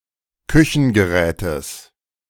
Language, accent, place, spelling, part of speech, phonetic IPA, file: German, Germany, Berlin, Küchengerätes, noun, [ˈkʏçn̩ɡəˌʁɛːtəs], De-Küchengerätes.ogg
- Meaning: genitive singular of Küchengerät